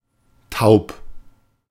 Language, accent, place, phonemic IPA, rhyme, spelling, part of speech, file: German, Germany, Berlin, /taʊ̯p/, -aʊ̯p, taub, adjective, De-taub.ogg
- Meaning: 1. deaf (not hearing) 2. numb 3. empty